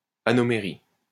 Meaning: anomerism
- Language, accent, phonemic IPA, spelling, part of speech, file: French, France, /a.nɔ.me.ʁi/, anomérie, noun, LL-Q150 (fra)-anomérie.wav